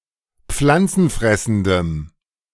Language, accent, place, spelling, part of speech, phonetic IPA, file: German, Germany, Berlin, pflanzenfressendem, adjective, [ˈp͡flant͡sn̩ˌfʁɛsn̩dəm], De-pflanzenfressendem.ogg
- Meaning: strong dative masculine/neuter singular of pflanzenfressend